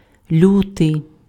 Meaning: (noun) February (second month of the Gregorian calendar); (adjective) fierce, cruel, severe
- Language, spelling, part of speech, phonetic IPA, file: Ukrainian, лютий, noun / adjective, [ˈlʲutei̯], Uk-лютий.ogg